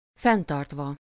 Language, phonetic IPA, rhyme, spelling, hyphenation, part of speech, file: Hungarian, [ˈfɛntɒrtvɒ], -vɒ, fenntartva, fenn‧tart‧va, verb, Hu-fenntartva.ogg
- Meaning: adverbial participle of fenntart